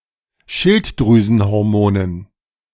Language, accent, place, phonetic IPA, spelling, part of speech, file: German, Germany, Berlin, [ˈʃɪltdʁyːzn̩hɔʁˌmoːnən], Schilddrüsenhormonen, noun, De-Schilddrüsenhormonen.ogg
- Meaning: dative plural of Schilddrüsenhormon